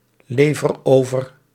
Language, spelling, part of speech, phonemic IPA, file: Dutch, lever over, verb, /ˈlevər ˈovər/, Nl-lever over.ogg
- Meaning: inflection of overleveren: 1. first-person singular present indicative 2. second-person singular present indicative 3. imperative